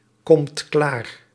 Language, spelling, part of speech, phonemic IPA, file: Dutch, komt klaar, verb, /ˌkɔmt ˈklar/, Nl-komt klaar.ogg
- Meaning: inflection of klaarkomen: 1. second/third-person singular present indicative 2. plural imperative